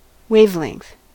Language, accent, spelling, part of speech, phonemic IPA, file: English, US, wavelength, noun, /ˈweɪvˌlɛŋ(k)θ/, En-us-wavelength.ogg